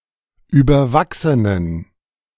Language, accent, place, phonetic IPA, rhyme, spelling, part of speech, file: German, Germany, Berlin, [ˌyːbɐˈvaksənən], -aksənən, überwachsenen, adjective, De-überwachsenen.ogg
- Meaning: inflection of überwachsen: 1. strong genitive masculine/neuter singular 2. weak/mixed genitive/dative all-gender singular 3. strong/weak/mixed accusative masculine singular 4. strong dative plural